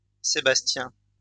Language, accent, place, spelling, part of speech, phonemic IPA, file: French, France, Lyon, Sébastien, proper noun, /se.bas.tjɛ̃/, LL-Q150 (fra)-Sébastien.wav
- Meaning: a male given name from Latin or Ancient Greek, equivalent to English Sebastian